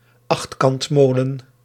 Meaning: octagonal smock mill
- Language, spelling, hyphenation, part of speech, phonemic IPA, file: Dutch, achtkantmolen, acht‧kant‧mo‧len, noun, /ˈɑxt.kɑntˌmoː.lə(n)/, Nl-achtkantmolen.ogg